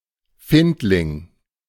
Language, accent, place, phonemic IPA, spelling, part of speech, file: German, Germany, Berlin, /ˈfɪntlɪŋ/, Findling, noun, De-Findling.ogg
- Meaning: 1. foundling 2. glacial erratic